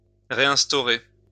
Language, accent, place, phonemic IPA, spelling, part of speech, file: French, France, Lyon, /ʁe.ɛ̃s.tɔ.ʁe/, réinstaurer, verb, LL-Q150 (fra)-réinstaurer.wav
- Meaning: to reestablish